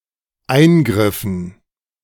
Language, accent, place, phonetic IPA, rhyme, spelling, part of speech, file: German, Germany, Berlin, [ˈaɪ̯nˌɡʁɪfn̩], -aɪ̯nɡʁɪfn̩, eingriffen, verb, De-eingriffen.ogg
- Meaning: inflection of eingreifen: 1. first/third-person plural dependent preterite 2. first/third-person plural dependent subjunctive II